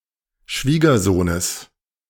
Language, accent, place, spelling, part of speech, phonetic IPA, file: German, Germany, Berlin, Schwiegersohnes, noun, [ˈʃviːɡɐˌzoːnəs], De-Schwiegersohnes.ogg
- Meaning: genitive singular of Schwiegersohn